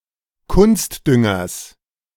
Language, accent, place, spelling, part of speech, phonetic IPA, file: German, Germany, Berlin, Kunstdüngers, noun, [ˈkʊnstˌdʏŋɐs], De-Kunstdüngers.ogg
- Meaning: genitive singular of Kunstdünger